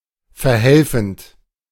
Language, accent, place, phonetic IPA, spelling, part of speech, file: German, Germany, Berlin, [fɛɐ̯ˈhɛlfn̩t], verhelfend, verb, De-verhelfend.ogg
- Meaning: present participle of verhelfen